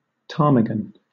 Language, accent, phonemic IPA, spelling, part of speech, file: English, Southern England, /ˈtɑːmɪɡən/, ptarmigan, noun, LL-Q1860 (eng)-ptarmigan.wav
- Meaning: Any of three species of small grouse in the genus Lagopus found in subarctic tundra areas of North America and Eurasia